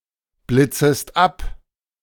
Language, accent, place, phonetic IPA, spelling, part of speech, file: German, Germany, Berlin, [ˌblɪt͡səst ˈap], blitzest ab, verb, De-blitzest ab.ogg
- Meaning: second-person singular subjunctive I of abblitzen